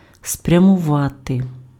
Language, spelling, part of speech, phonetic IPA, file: Ukrainian, спрямувати, verb, [sprʲɐmʊˈʋate], Uk-спрямувати.ogg
- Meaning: to direct, to turn, to aim